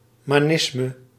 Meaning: ancestor worship
- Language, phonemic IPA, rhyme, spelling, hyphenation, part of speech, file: Dutch, /ˌmaːˈnɪs.mə/, -ɪsmə, manisme, ma‧nis‧me, noun, Nl-manisme.ogg